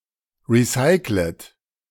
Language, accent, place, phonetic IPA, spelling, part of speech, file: German, Germany, Berlin, [ˌʁiˈsaɪ̯klət], recyclet, verb, De-recyclet.ogg
- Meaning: 1. past participle of recyclen 2. second-person plural subjunctive I of recyceln